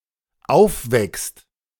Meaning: second-person singular dependent present of aufwecken
- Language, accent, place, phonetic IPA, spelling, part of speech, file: German, Germany, Berlin, [ˈaʊ̯fˌvɛkst], aufweckst, verb, De-aufweckst.ogg